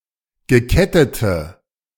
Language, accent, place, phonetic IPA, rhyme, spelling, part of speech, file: German, Germany, Berlin, [ɡəˈkɛtətə], -ɛtətə, gekettete, adjective, De-gekettete.ogg
- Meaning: inflection of gekettet: 1. strong/mixed nominative/accusative feminine singular 2. strong nominative/accusative plural 3. weak nominative all-gender singular